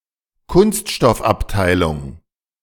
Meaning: plastics department (of a factory)
- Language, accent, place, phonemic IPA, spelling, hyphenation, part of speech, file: German, Germany, Berlin, /ˈkʊnstʃtɔfapˌtaɪ̯lʊŋ/, Kunststoffabteilung, Kunst‧stoff‧ab‧tei‧lung, noun, De-Kunststoffabteilung.ogg